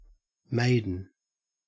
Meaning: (noun) 1. A girl or an unmarried young woman 2. A female virgin 3. A man with no experience of sex, especially because of deliberate abstention 4. A maidservant 5. A clothes maiden
- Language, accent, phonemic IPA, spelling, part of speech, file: English, Australia, /ˈmæɪdən/, maiden, noun / adjective, En-au-maiden.ogg